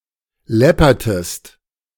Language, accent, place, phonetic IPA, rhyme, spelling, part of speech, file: German, Germany, Berlin, [ˈlɛpɐtəst], -ɛpɐtəst, läppertest, verb, De-läppertest.ogg
- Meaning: inflection of läppern: 1. second-person singular preterite 2. second-person singular subjunctive II